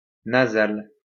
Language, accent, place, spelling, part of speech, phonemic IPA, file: French, France, Lyon, nasal, adjective, /na.zal/, LL-Q150 (fra)-nasal.wav
- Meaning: nasal